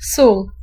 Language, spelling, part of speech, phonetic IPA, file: Polish, sól, noun / verb, [sul], Pl-sól.ogg